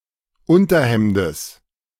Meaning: genitive singular of Unterhemd
- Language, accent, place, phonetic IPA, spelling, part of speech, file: German, Germany, Berlin, [ˈʊntɐˌhɛmdəs], Unterhemdes, noun, De-Unterhemdes.ogg